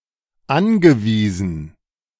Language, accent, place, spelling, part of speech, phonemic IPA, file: German, Germany, Berlin, angewiesen, verb / adjective, /ˈanɡəˌviːzn̩/, De-angewiesen.ogg
- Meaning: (verb) past participle of anweisen; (adjective) dependent (on), reliant (on)